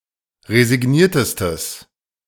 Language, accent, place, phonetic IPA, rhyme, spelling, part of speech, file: German, Germany, Berlin, [ʁezɪˈɡniːɐ̯təstəs], -iːɐ̯təstəs, resigniertestes, adjective, De-resigniertestes.ogg
- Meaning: strong/mixed nominative/accusative neuter singular superlative degree of resigniert